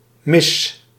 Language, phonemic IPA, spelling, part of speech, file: Dutch, /mɪs/, miss, noun, Nl-miss.ogg
- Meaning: 1. a winner of a beauty contest 2. a beauty 3. a girl with a high self-esteem